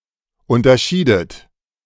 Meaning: inflection of unterscheiden: 1. second-person plural preterite 2. second-person plural subjunctive II
- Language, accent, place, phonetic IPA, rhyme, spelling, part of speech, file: German, Germany, Berlin, [ˌʊntɐˈʃiːdət], -iːdət, unterschiedet, verb, De-unterschiedet.ogg